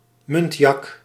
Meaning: muntjac, deer of the genus Muntiacus
- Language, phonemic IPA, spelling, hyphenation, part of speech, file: Dutch, /ˈmʏntjɑk/, muntjak, munt‧jak, noun, Nl-muntjak.ogg